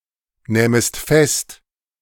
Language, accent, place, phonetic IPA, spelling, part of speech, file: German, Germany, Berlin, [ˌnɛːməst ˈfɛst], nähmest fest, verb, De-nähmest fest.ogg
- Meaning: second-person singular subjunctive II of festnehmen